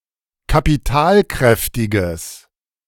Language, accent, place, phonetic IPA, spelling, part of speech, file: German, Germany, Berlin, [kapiˈtaːlˌkʁɛftɪɡəs], kapitalkräftiges, adjective, De-kapitalkräftiges.ogg
- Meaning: strong/mixed nominative/accusative neuter singular of kapitalkräftig